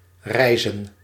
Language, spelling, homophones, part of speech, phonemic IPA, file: Dutch, rijzen, reizen, verb / noun, /ˈrɛi̯.zə(n)/, Nl-rijzen.ogg
- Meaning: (verb) to rise; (noun) plural of rijs